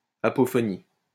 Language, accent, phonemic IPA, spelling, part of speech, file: French, France, /a.pɔ.fɔ.ni/, apophonie, noun, LL-Q150 (fra)-apophonie.wav
- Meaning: apophony (alternation of sounds within a word), ablaut